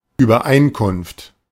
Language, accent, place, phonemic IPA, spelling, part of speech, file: German, Germany, Berlin, /yːbɐˈʔaɪ̯nkʊnft/, Übereinkunft, noun, De-Übereinkunft.ogg
- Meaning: agreement, accord